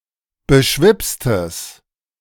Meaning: strong/mixed nominative/accusative neuter singular of beschwipst
- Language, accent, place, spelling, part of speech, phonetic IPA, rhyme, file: German, Germany, Berlin, beschwipstes, adjective, [bəˈʃvɪpstəs], -ɪpstəs, De-beschwipstes.ogg